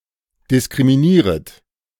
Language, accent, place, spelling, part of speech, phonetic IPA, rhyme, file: German, Germany, Berlin, diskriminieret, verb, [dɪskʁimiˈniːʁət], -iːʁət, De-diskriminieret.ogg
- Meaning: second-person plural subjunctive I of diskriminieren